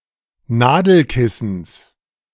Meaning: genitive singular of Nadelkissen
- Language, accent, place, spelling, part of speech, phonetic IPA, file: German, Germany, Berlin, Nadelkissens, noun, [ˈnaːdl̩ˌkɪsn̩s], De-Nadelkissens.ogg